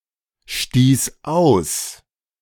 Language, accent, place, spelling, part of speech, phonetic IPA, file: German, Germany, Berlin, stieß aus, verb, [ˌʃtiːs ˈaʊ̯s], De-stieß aus.ogg
- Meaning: first/third-person singular preterite of ausstoßen